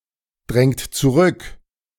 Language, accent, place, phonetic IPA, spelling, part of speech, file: German, Germany, Berlin, [ˌdʁɛŋt t͡suˈʁʏk], drängt zurück, verb, De-drängt zurück.ogg
- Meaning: inflection of zurückdrängen: 1. second-person plural present 2. third-person singular present 3. plural imperative